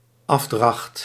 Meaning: contribution, payment
- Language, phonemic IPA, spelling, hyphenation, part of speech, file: Dutch, /ˈɑf.drɑxt/, afdracht, af‧dracht, noun, Nl-afdracht.ogg